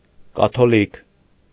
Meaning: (adjective) Catholic
- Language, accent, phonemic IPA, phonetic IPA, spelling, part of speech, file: Armenian, Eastern Armenian, /kɑtʰoˈlik/, [kɑtʰolík], կաթոլիկ, adjective / noun, Hy-կաթոլիկ.ogg